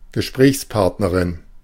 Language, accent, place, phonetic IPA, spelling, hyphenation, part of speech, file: German, Germany, Berlin, [ɡəˈʃpʁɛːçsˌpaʁtnəʁɪn], Gesprächspartnerin, Ge‧sprächs‧part‧ne‧rin, noun, De-Gesprächspartnerin.ogg
- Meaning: female equivalent of Gesprächspartner